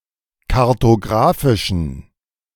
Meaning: inflection of kartographisch: 1. strong genitive masculine/neuter singular 2. weak/mixed genitive/dative all-gender singular 3. strong/weak/mixed accusative masculine singular 4. strong dative plural
- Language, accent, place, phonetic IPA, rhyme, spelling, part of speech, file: German, Germany, Berlin, [kaʁtoˈɡʁaːfɪʃn̩], -aːfɪʃn̩, kartographischen, adjective, De-kartographischen.ogg